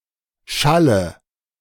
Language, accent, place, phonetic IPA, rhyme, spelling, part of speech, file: German, Germany, Berlin, [ˈʃalə], -alə, schalle, verb, De-schalle.ogg
- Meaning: inflection of schallen: 1. first-person singular present 2. first/third-person singular subjunctive I 3. singular imperative